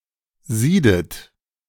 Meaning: inflection of sieden: 1. third-person singular present 2. second-person plural present
- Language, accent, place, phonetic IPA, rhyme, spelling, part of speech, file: German, Germany, Berlin, [ˈziːdət], -iːdət, siedet, verb, De-siedet.ogg